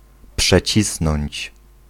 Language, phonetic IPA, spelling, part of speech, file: Polish, [pʃɛˈt͡ɕisnɔ̃ɲt͡ɕ], przecisnąć, verb, Pl-przecisnąć.ogg